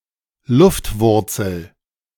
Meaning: aerial root
- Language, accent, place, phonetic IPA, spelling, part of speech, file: German, Germany, Berlin, [ˈlʊftˌvʊʁt͡sl̩], Luftwurzel, noun, De-Luftwurzel.ogg